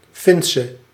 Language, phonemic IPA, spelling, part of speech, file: Dutch, /ˈfɪnsə/, Finse, noun / adjective, Nl-Finse.ogg
- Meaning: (adjective) inflection of Fins: 1. masculine/feminine singular attributive 2. definite neuter singular attributive 3. plural attributive; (noun) Finnish woman